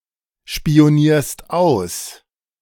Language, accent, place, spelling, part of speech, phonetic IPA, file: German, Germany, Berlin, spionierst aus, verb, [ʃpi̯oˌniːɐ̯st ˈaʊ̯s], De-spionierst aus.ogg
- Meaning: second-person singular present of ausspionieren